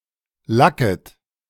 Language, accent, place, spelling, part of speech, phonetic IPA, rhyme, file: German, Germany, Berlin, lacket, verb, [ˈlakət], -akət, De-lacket.ogg
- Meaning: second-person plural subjunctive I of lacken